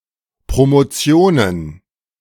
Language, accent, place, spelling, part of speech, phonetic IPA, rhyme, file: German, Germany, Berlin, Promotionen, noun, [ˌpʁomoˈt͡si̯oːnən], -oːnən, De-Promotionen.ogg
- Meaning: plural of Promotion